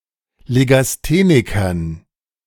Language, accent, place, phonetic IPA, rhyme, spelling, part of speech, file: German, Germany, Berlin, [leɡasˈteːnɪkɐn], -eːnɪkɐn, Legasthenikern, noun, De-Legasthenikern.ogg
- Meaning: dative plural of Legastheniker